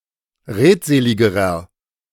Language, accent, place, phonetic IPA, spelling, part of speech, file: German, Germany, Berlin, [ˈʁeːtˌzeːlɪɡəʁɐ], redseligerer, adjective, De-redseligerer.ogg
- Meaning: inflection of redselig: 1. strong/mixed nominative masculine singular comparative degree 2. strong genitive/dative feminine singular comparative degree 3. strong genitive plural comparative degree